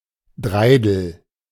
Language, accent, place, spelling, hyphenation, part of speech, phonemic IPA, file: German, Germany, Berlin, Dreidel, Drei‧del, noun, /ˈdʁaɪ̯dl̩/, De-Dreidel.ogg
- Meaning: dreidel